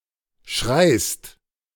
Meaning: second-person singular present of schreien
- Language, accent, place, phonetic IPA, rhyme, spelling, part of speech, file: German, Germany, Berlin, [ʃʁaɪ̯st], -aɪ̯st, schreist, verb, De-schreist.ogg